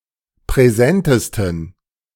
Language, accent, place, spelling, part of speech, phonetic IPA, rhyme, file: German, Germany, Berlin, präsentesten, adjective, [pʁɛˈzɛntəstn̩], -ɛntəstn̩, De-präsentesten.ogg
- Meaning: 1. superlative degree of präsent 2. inflection of präsent: strong genitive masculine/neuter singular superlative degree